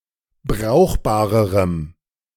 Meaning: strong dative masculine/neuter singular comparative degree of brauchbar
- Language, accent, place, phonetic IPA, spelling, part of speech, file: German, Germany, Berlin, [ˈbʁaʊ̯xbaːʁəʁəm], brauchbarerem, adjective, De-brauchbarerem.ogg